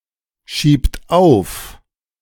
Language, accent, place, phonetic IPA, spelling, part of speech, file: German, Germany, Berlin, [ˌʃiːpt ˈaʊ̯f], schiebt auf, verb, De-schiebt auf.ogg
- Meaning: inflection of aufschieben: 1. third-person singular present 2. second-person plural present 3. plural imperative